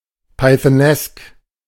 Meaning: Pythonesque
- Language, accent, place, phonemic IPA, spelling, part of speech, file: German, Germany, Berlin, /paɪ̯θəˈnɛsk/, pythonesk, adjective, De-pythonesk.ogg